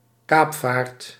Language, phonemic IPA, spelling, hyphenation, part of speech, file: Dutch, /ˈkaːp.faːrt/, kaapvaart, kaap‧vaart, noun, Nl-kaapvaart.ogg
- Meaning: privateering, freebooting under a letter of marque